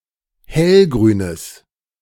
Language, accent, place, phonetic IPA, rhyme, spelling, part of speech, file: German, Germany, Berlin, [ˈhɛlɡʁyːnəs], -ɛlɡʁyːnəs, hellgrünes, adjective, De-hellgrünes.ogg
- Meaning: strong/mixed nominative/accusative neuter singular of hellgrün